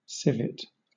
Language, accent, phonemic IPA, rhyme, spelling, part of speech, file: English, Southern England, /ˈsɪ.vɪt/, -ɪvɪt, civet, noun, LL-Q1860 (eng)-civet.wav
- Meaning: Any of the small carnivorous catlike mammals encompassing certain species from the families Viverridae, Eupleridae, and Nandiniidae, native to tropical Africa and Asia